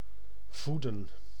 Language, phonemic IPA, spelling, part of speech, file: Dutch, /ˈvudə(n)/, voeden, verb, Nl-voeden.ogg
- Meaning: to feed